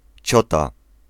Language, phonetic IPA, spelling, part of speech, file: Polish, [ˈt͡ɕɔta], ciota, noun, Pl-ciota.ogg